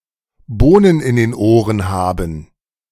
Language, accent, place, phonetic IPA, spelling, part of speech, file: German, Germany, Berlin, [ˈboːnən ɪn deːn ˈoːʀən ˈhaːbn̩], Bohnen in den Ohren haben, verb, De-Bohnen in den Ohren haben.ogg
- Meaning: to turn a deaf ear